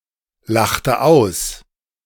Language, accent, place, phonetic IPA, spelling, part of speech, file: German, Germany, Berlin, [ˌlaxtə ˈaʊ̯s], lachte aus, verb, De-lachte aus.ogg
- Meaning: inflection of auslachen: 1. first/third-person singular preterite 2. first/third-person singular subjunctive II